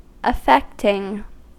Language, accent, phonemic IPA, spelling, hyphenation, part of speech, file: English, US, /əˈfɛktɪŋ/, affecting, af‧fect‧ing, adjective / verb, En-us-affecting.ogg
- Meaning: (adjective) Producing or causing strong feelings and emotions; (verb) present participle and gerund of affect